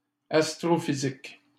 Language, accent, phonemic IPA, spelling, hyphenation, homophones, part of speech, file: French, Canada, /as.tʁɔ.fi.zik/, astrophysique, as‧tro‧phy‧sique, astrophysiques, adjective / noun, LL-Q150 (fra)-astrophysique.wav
- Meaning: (adjective) astrophysical; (noun) astrophysics